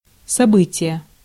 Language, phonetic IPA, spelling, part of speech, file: Russian, [sɐˈbɨtʲɪje], событие, noun, Ru-событие.ogg
- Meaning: event, occurrence, incident